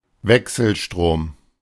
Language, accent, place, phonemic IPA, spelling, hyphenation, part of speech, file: German, Germany, Berlin, /ˈvɛksl̩ˌʃtʁoːm/, Wechselstrom, Wech‧sel‧strom, noun, De-Wechselstrom.ogg
- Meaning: alternating current